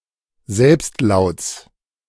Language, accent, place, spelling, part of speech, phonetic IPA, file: German, Germany, Berlin, Selbstlauts, noun, [ˈzɛlpstˌlaʊ̯t͡s], De-Selbstlauts.ogg
- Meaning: genitive singular of Selbstlaut